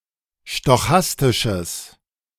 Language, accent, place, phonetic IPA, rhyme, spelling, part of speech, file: German, Germany, Berlin, [ʃtɔˈxastɪʃəs], -astɪʃəs, stochastisches, adjective, De-stochastisches.ogg
- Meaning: strong/mixed nominative/accusative neuter singular of stochastisch